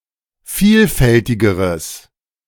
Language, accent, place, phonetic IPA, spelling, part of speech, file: German, Germany, Berlin, [ˈfiːlˌfɛltɪɡəʁəs], vielfältigeres, adjective, De-vielfältigeres.ogg
- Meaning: strong/mixed nominative/accusative neuter singular comparative degree of vielfältig